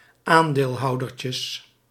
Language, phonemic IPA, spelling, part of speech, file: Dutch, /ˈandelˌhɑudərcəs/, aandeelhoudertjes, noun, Nl-aandeelhoudertjes.ogg
- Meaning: plural of aandeelhoudertje